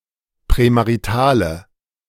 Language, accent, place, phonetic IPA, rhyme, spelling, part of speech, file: German, Germany, Berlin, [pʁɛmaʁiˈtaːlə], -aːlə, prämaritale, adjective, De-prämaritale.ogg
- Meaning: inflection of prämarital: 1. strong/mixed nominative/accusative feminine singular 2. strong nominative/accusative plural 3. weak nominative all-gender singular